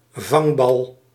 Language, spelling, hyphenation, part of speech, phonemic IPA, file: Dutch, vangbal, vang‧bal, noun, /ˈvɑŋ.bɑl/, Nl-vangbal.ogg
- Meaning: a ball that has been caught